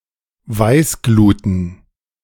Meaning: plural of Weißglut
- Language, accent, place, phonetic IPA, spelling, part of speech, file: German, Germany, Berlin, [ˈvaɪ̯sˌɡluːtn̩], Weißgluten, noun, De-Weißgluten.ogg